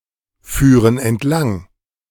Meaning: first-person plural subjunctive II of entlangfahren
- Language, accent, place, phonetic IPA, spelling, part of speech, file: German, Germany, Berlin, [ˌfyːʁən ɛntˈlaŋ], führen entlang, verb, De-führen entlang.ogg